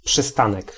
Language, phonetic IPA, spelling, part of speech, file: Polish, [pʃɨˈstãnɛk], przystanek, noun, Pl-przystanek.ogg